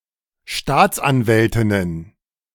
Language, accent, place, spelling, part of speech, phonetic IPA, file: German, Germany, Berlin, Staatsanwältinnen, noun, [ˈʃtaːt͡sʔanˌvɛltɪnən], De-Staatsanwältinnen.ogg
- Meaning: plural of Staatsanwältin